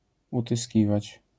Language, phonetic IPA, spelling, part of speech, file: Polish, [ˌutɨˈsʲcivat͡ɕ], utyskiwać, verb, LL-Q809 (pol)-utyskiwać.wav